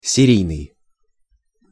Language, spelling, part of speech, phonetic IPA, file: Russian, серийный, adjective, [sʲɪˈrʲijnɨj], Ru-серийный.ogg
- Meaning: serial, (relational) series